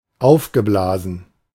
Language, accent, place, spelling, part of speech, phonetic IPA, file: German, Germany, Berlin, aufgeblasen, adjective / verb, [ˈaʊ̯fɡəˌblaːzn̩], De-aufgeblasen.ogg
- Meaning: past participle of aufblasen